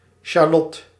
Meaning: shallot (Allium cepa var. aggregatum)
- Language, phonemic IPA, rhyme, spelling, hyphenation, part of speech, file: Dutch, /ʃaːˈlɔt/, -ɔt, sjalot, sja‧lot, noun, Nl-sjalot.ogg